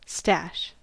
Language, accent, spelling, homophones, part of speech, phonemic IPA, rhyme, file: English, US, stash, stache, noun / verb, /stæʃ/, -æʃ, En-us-stash.ogg
- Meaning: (noun) 1. A collection, sometimes hidden 2. A place where drugs are stored 3. Clothing or other items branded with a particular university club or society's logo